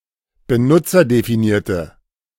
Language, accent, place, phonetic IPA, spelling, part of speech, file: German, Germany, Berlin, [bəˈnʊt͡sɐdefiˌniːɐ̯tə], benutzerdefinierte, adjective, De-benutzerdefinierte.ogg
- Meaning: inflection of benutzerdefiniert: 1. strong/mixed nominative/accusative feminine singular 2. strong nominative/accusative plural 3. weak nominative all-gender singular